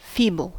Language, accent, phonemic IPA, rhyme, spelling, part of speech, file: English, US, /ˈfiːbəl/, -iːbəl, feeble, adjective / verb, En-us-feeble.ogg
- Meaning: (adjective) 1. Deficient in physical strength 2. Lacking force, vigor, or effectiveness in action or expression; faint; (verb) To make feeble; to enfeeble